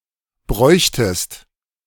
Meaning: second-person singular subjunctive II of brauchen
- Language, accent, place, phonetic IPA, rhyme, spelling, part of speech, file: German, Germany, Berlin, [ˈbʁɔɪ̯çtəst], -ɔɪ̯çtəst, bräuchtest, verb, De-bräuchtest.ogg